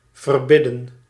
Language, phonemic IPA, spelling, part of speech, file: Dutch, /vərˈbɪdə(n)/, verbidden, verb, Nl-verbidden.ogg
- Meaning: to persuade (by begging, prayer)